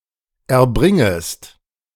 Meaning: second-person singular subjunctive I of erbringen
- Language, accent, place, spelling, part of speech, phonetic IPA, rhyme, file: German, Germany, Berlin, erbringest, verb, [ɛɐ̯ˈbʁɪŋəst], -ɪŋəst, De-erbringest.ogg